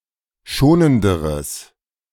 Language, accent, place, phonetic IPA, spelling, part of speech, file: German, Germany, Berlin, [ˈʃoːnəndəʁəs], schonenderes, adjective, De-schonenderes.ogg
- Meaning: strong/mixed nominative/accusative neuter singular comparative degree of schonend